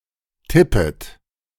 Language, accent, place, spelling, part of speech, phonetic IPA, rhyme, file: German, Germany, Berlin, tippet, verb, [ˈtɪpət], -ɪpət, De-tippet.ogg
- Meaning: second-person plural subjunctive I of tippen